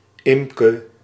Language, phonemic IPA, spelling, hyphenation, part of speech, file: Dutch, /ˈɪm.kə/, Imke, Im‧ke, proper noun, Nl-Imke.ogg
- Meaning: a female given name from West Frisian